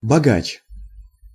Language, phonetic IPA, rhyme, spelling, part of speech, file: Russian, [bɐˈɡat͡ɕ], -at͡ɕ, богач, noun, Ru-богач.ogg
- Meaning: rich man